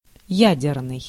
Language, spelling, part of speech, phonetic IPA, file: Russian, ядерный, adjective, [ˈjædʲɪrnɨj], Ru-ядерный.ogg
- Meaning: nuclear